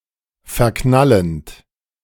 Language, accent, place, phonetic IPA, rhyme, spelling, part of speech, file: German, Germany, Berlin, [fɛɐ̯ˈknalənt], -alənt, verknallend, verb, De-verknallend.ogg
- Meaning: present participle of verknallen